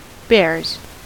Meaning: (noun) plural of bear; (verb) third-person singular simple present indicative of bear
- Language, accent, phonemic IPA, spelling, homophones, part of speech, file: English, US, /bɛɹz/, bears, bares, noun / verb, En-us-bears.ogg